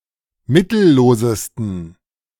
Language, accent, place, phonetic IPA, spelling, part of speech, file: German, Germany, Berlin, [ˈmɪtl̩ˌloːzəstn̩], mittellosesten, adjective, De-mittellosesten.ogg
- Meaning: 1. superlative degree of mittellos 2. inflection of mittellos: strong genitive masculine/neuter singular superlative degree